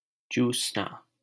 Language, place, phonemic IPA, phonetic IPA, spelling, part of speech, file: Hindi, Delhi, /t͡ʃuːs.nɑː/, [t͡ʃuːs.näː], चूसना, verb, LL-Q1568 (hin)-चूसना.wav
- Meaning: 1. to suck, draw in 2. to suckle 3. to exhaust, empty